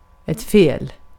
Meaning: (adjective) wrong, incorrect, erroneous; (adverb) wrong, wrongly, incorrectly, erroneously; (noun) wrong (incorrectness or moral wrongness), (sometimes, by rephrasing) a mistake
- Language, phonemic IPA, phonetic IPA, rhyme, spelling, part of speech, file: Swedish, /feːl/, [feə̯l], -eːl, fel, adjective / adverb / noun, Sv-fel.ogg